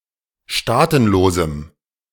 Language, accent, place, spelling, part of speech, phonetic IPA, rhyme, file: German, Germany, Berlin, staatenlosem, adjective, [ˈʃtaːtn̩loːzm̩], -aːtn̩loːzm̩, De-staatenlosem.ogg
- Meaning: strong dative masculine/neuter singular of staatenlos